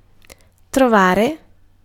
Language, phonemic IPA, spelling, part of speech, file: Italian, /troˈvare/, trovare, verb, It-trovare.ogg